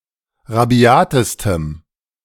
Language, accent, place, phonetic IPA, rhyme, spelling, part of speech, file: German, Germany, Berlin, [ʁaˈbi̯aːtəstəm], -aːtəstəm, rabiatestem, adjective, De-rabiatestem.ogg
- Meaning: strong dative masculine/neuter singular superlative degree of rabiat